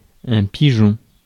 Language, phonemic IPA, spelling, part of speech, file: French, /pi.ʒɔ̃/, pigeon, noun, Fr-pigeon.ogg
- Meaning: 1. pigeon 2. patsy (an easily trickable, naive person)